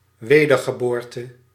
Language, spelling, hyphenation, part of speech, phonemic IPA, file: Dutch, wedergeboorte, we‧der‧ge‧boor‧te, noun, /ˈʋeː.dər.ɣəˌboːr.tə/, Nl-wedergeboorte.ogg
- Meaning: 1. rebirth, revival 2. reincarnation, transmigration